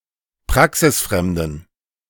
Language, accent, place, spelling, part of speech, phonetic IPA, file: German, Germany, Berlin, praxisfremden, adjective, [ˈpʁaksɪsˌfʁɛmdn̩], De-praxisfremden.ogg
- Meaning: inflection of praxisfremd: 1. strong genitive masculine/neuter singular 2. weak/mixed genitive/dative all-gender singular 3. strong/weak/mixed accusative masculine singular 4. strong dative plural